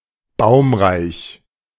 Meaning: wooded (having many trees), forested, arboreous (landscape)
- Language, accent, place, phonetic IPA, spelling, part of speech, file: German, Germany, Berlin, [ˈbaʊ̯mʁaɪ̯ç], baumreich, adjective, De-baumreich.ogg